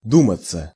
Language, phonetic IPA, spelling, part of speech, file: Russian, [ˈdumət͡sə], думаться, verb, Ru-думаться.ogg
- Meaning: 1. to seem, to appear 2. passive of ду́мать (dúmatʹ)